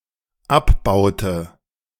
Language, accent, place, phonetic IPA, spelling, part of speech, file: German, Germany, Berlin, [ˈapˌbaʊ̯tə], abbaute, verb, De-abbaute.ogg
- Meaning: inflection of abbauen: 1. first/third-person singular dependent preterite 2. first/third-person singular dependent subjunctive II